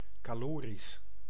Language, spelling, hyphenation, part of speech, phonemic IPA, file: Dutch, calorisch, ca‧lo‧risch, adjective, /ˌkaːˈloː.ris/, Nl-calorisch.ogg
- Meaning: caloric, calorific